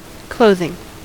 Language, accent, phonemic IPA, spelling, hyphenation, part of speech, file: English, US, /ˈkloʊðɪŋ/, clothing, cloth‧ing, verb / noun, En-us-clothing.ogg
- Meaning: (verb) present participle and gerund of clothe